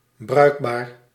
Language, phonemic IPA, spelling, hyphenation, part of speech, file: Dutch, /ˈbrœy̯k.baːr/, bruikbaar, bruik‧baar, adjective, Nl-bruikbaar.ogg
- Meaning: 1. usable, functional, operable 2. useful, handy